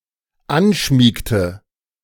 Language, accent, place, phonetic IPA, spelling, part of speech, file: German, Germany, Berlin, [ˈanˌʃmiːktə], anschmiegte, verb, De-anschmiegte.ogg
- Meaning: inflection of anschmiegen: 1. first/third-person singular dependent preterite 2. first/third-person singular dependent subjunctive II